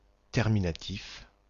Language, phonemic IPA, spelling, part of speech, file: French, /tɛʁ.mi.na.tif/, terminatif, noun, Terminatif-FR.ogg
- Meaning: the terminative case